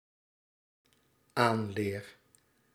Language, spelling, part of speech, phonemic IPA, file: Dutch, aanleer, verb, /ˈanler/, Nl-aanleer.ogg
- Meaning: first-person singular dependent-clause present indicative of aanleren